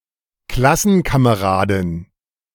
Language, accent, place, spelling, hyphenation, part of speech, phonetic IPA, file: German, Germany, Berlin, Klassenkameradin, Klas‧sen‧ka‧me‧ra‧din, noun, [ˈklasn̩kameˌʁaːdɪn], De-Klassenkameradin.ogg
- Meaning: A female classmate